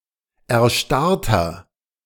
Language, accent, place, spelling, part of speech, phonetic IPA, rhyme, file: German, Germany, Berlin, erstarrter, adjective, [ɛɐ̯ˈʃtaʁtɐ], -aʁtɐ, De-erstarrter.ogg
- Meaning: inflection of erstarrt: 1. strong/mixed nominative masculine singular 2. strong genitive/dative feminine singular 3. strong genitive plural